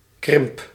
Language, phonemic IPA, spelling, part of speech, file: Dutch, /krɪmp/, krimp, noun / adjective / verb, Nl-krimp.ogg
- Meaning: inflection of krimpen: 1. first-person singular present indicative 2. second-person singular present indicative 3. imperative